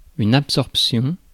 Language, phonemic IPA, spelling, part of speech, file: French, /ap.sɔʁp.sjɔ̃/, absorption, noun, Fr-absorption.ogg
- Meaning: absorption